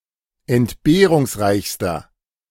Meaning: inflection of entbehrungsreich: 1. strong/mixed nominative masculine singular superlative degree 2. strong genitive/dative feminine singular superlative degree
- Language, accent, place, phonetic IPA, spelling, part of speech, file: German, Germany, Berlin, [ɛntˈbeːʁʊŋsˌʁaɪ̯çstɐ], entbehrungsreichster, adjective, De-entbehrungsreichster.ogg